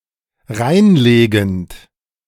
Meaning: present participle of reinlegen
- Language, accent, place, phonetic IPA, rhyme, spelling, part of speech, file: German, Germany, Berlin, [ˈʁaɪ̯nˌleːɡn̩t], -aɪ̯nleːɡn̩t, reinlegend, verb, De-reinlegend.ogg